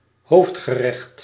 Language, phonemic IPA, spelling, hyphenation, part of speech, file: Dutch, /ˈɦoːf(t)xəˌrɛxt/, hoofdgerecht, hoofd‧ge‧recht, noun, Nl-hoofdgerecht.ogg
- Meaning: a main course, the main dish of a meal